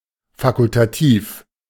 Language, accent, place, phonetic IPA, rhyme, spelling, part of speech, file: German, Germany, Berlin, [ˌfakʊltaˈtiːf], -iːf, fakultativ, adjective, De-fakultativ.ogg
- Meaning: optional, facultative